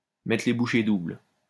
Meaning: to double one's efforts, to work twice as hard
- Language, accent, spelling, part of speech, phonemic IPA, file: French, France, mettre les bouchées doubles, verb, /mɛ.tʁə le bu.ʃe dubl/, LL-Q150 (fra)-mettre les bouchées doubles.wav